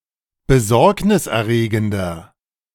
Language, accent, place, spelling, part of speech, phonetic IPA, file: German, Germany, Berlin, besorgniserregender, adjective, [bəˈzɔʁknɪsʔɛɐ̯ˌʁeːɡn̩dɐ], De-besorgniserregender.ogg
- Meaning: 1. comparative degree of besorgniserregend 2. inflection of besorgniserregend: strong/mixed nominative masculine singular 3. inflection of besorgniserregend: strong genitive/dative feminine singular